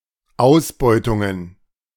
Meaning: plural of Ausbeutung
- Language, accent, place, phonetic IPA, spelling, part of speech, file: German, Germany, Berlin, [ˈaʊ̯sˌbɔɪ̯tʊŋən], Ausbeutungen, noun, De-Ausbeutungen.ogg